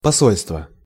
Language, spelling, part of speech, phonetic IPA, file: Russian, посольство, noun, [pɐˈsolʲstvə], Ru-посольство.ogg
- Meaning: embassy